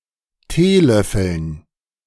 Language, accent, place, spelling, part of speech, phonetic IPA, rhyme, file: German, Germany, Berlin, Teelöffeln, noun, [ˈteːˌlœfl̩n], -eːlœfl̩n, De-Teelöffeln.ogg
- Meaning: dative plural of Teelöffel